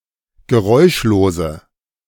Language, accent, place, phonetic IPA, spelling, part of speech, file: German, Germany, Berlin, [ɡəˈʁɔɪ̯ʃloːzə], geräuschlose, adjective, De-geräuschlose.ogg
- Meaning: inflection of geräuschlos: 1. strong/mixed nominative/accusative feminine singular 2. strong nominative/accusative plural 3. weak nominative all-gender singular